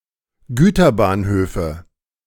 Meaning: nominative/accusative/genitive plural of Güterbahnhof
- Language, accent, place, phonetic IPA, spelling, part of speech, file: German, Germany, Berlin, [ˈɡyːtɐˌbaːnhøːfə], Güterbahnhöfe, noun, De-Güterbahnhöfe.ogg